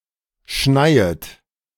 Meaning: second-person plural subjunctive I of schneien
- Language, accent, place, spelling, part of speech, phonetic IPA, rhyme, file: German, Germany, Berlin, schneiet, verb, [ˈʃnaɪ̯ət], -aɪ̯ət, De-schneiet.ogg